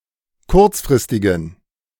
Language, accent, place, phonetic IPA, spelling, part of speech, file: German, Germany, Berlin, [ˈkʊʁt͡sfʁɪstɪɡn̩], kurzfristigen, adjective, De-kurzfristigen.ogg
- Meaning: inflection of kurzfristig: 1. strong genitive masculine/neuter singular 2. weak/mixed genitive/dative all-gender singular 3. strong/weak/mixed accusative masculine singular 4. strong dative plural